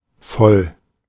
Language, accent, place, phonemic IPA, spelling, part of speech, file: German, Germany, Berlin, /fɔl/, voll, adjective / adverb, De-voll.ogg
- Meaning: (adjective) 1. full; filled 2. full (not hungry anymore) 3. drunk; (adverb) 1. fully 2. very; quite; really